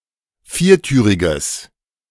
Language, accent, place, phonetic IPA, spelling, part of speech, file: German, Germany, Berlin, [ˈfiːɐ̯ˌtyːʁɪɡəs], viertüriges, adjective, De-viertüriges.ogg
- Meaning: strong/mixed nominative/accusative neuter singular of viertürig